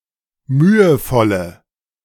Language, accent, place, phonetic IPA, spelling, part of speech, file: German, Germany, Berlin, [ˈmyːəˌfɔlə], mühevolle, adjective, De-mühevolle.ogg
- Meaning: inflection of mühevoll: 1. strong/mixed nominative/accusative feminine singular 2. strong nominative/accusative plural 3. weak nominative all-gender singular